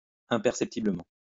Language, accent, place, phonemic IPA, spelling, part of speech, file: French, France, Lyon, /ɛ̃.pɛʁ.sɛp.ti.blə.mɑ̃/, imperceptiblement, adverb, LL-Q150 (fra)-imperceptiblement.wav
- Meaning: imperceptibly